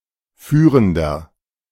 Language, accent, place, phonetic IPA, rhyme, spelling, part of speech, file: German, Germany, Berlin, [ˈfyːʁəndɐ], -yːʁəndɐ, führender, adjective, De-führender.ogg
- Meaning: inflection of führend: 1. strong/mixed nominative masculine singular 2. strong genitive/dative feminine singular 3. strong genitive plural